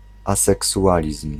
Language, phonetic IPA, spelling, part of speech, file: Polish, [ˌasɛksuˈʷalʲism̥], aseksualizm, noun, Pl-aseksualizm.ogg